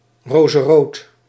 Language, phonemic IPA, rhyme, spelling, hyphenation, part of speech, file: Dutch, /rɔːzəˈroːt/, -oːt, rozerood, ro‧ze‧rood, adjective, Nl-rozerood.ogg
- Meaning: flesh-colored